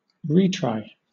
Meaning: Another attempt
- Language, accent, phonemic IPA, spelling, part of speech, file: English, Southern England, /ˈriːtɹaɪ/, retry, noun, LL-Q1860 (eng)-retry.wav